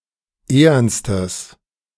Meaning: strong/mixed nominative/accusative neuter singular superlative degree of ehern
- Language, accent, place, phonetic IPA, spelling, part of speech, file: German, Germany, Berlin, [ˈeːɐnstəs], ehernstes, adjective, De-ehernstes.ogg